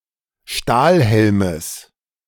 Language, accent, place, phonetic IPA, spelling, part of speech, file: German, Germany, Berlin, [ˈʃtaːlˌhɛlməs], Stahlhelmes, noun, De-Stahlhelmes.ogg
- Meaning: genitive singular of Stahlhelm